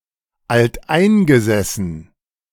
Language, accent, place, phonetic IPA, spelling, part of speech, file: German, Germany, Berlin, [altˈʔaɪ̯nɡəzɛsn̩], alteingesessen, adjective, De-alteingesessen.ogg
- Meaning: long-established, indigenous, endemic